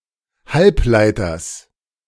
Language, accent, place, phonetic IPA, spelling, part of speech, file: German, Germany, Berlin, [ˈhalpˌlaɪ̯tɐs], Halbleiters, noun, De-Halbleiters.ogg
- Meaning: genitive singular of Halbleiter